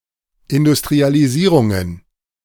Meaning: plural of Industrialisierung
- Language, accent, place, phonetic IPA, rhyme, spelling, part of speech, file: German, Germany, Berlin, [ɪndʊstʁialiˈziːʁʊŋən], -iːʁʊŋən, Industrialisierungen, noun, De-Industrialisierungen.ogg